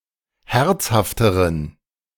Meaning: inflection of herzhaft: 1. strong genitive masculine/neuter singular comparative degree 2. weak/mixed genitive/dative all-gender singular comparative degree
- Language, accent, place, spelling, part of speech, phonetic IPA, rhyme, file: German, Germany, Berlin, herzhafteren, adjective, [ˈhɛʁt͡shaftəʁən], -ɛʁt͡shaftəʁən, De-herzhafteren.ogg